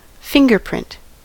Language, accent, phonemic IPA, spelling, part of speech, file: English, US, /ˈfɪŋɡɚˌpɹɪnt/, fingerprint, noun / verb, En-us-fingerprint.ogg
- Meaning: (noun) The natural pattern of ridges on the tips of human fingers, unique to each individual